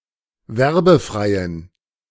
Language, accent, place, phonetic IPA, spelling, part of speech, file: German, Germany, Berlin, [ˈvɛʁbəˌfʁaɪ̯ən], werbefreien, adjective, De-werbefreien.ogg
- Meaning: inflection of werbefrei: 1. strong genitive masculine/neuter singular 2. weak/mixed genitive/dative all-gender singular 3. strong/weak/mixed accusative masculine singular 4. strong dative plural